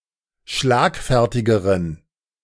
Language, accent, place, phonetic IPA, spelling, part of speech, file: German, Germany, Berlin, [ˈʃlaːkˌfɛʁtɪɡəʁən], schlagfertigeren, adjective, De-schlagfertigeren.ogg
- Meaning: inflection of schlagfertig: 1. strong genitive masculine/neuter singular comparative degree 2. weak/mixed genitive/dative all-gender singular comparative degree